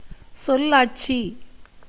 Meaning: diction; wording; usage of words; command of words
- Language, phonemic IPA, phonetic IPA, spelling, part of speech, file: Tamil, /tʃollɑːʈtʃiː/, [so̞lläːʈsiː], சொல்லாட்சி, noun, Ta-சொல்லாட்சி.ogg